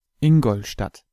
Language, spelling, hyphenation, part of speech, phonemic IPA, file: German, Ingolstadt, In‧gol‧stadt, proper noun, / ˈɪŋɡɔlˌʃtat/, De-Ingolstadt.ogg
- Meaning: Ingolstadt (an independent city on the River Danube in Upper Bavaria region, Bavaria, in southern Germany)